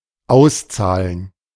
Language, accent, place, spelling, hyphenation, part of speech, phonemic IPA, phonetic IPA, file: German, Germany, Berlin, auszahlen, aus‧zah‧len, verb, /ˈaʊ̯sˌtsaːlən/, [ˈʔaʊ̯sˌtsaːln], De-auszahlen.ogg
- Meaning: 1. to pay out (money in general; salary, sum, balance, dividend, interest, etc.) 2. to pay off (to become worthwhile)